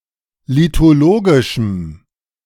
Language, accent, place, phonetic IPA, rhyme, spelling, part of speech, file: German, Germany, Berlin, [litoˈloːɡɪʃm̩], -oːɡɪʃm̩, lithologischem, adjective, De-lithologischem.ogg
- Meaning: strong dative masculine/neuter singular of lithologisch